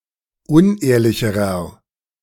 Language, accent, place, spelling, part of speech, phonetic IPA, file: German, Germany, Berlin, unehrlicherer, adjective, [ˈʊnˌʔeːɐ̯lɪçəʁɐ], De-unehrlicherer.ogg
- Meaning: inflection of unehrlich: 1. strong/mixed nominative masculine singular comparative degree 2. strong genitive/dative feminine singular comparative degree 3. strong genitive plural comparative degree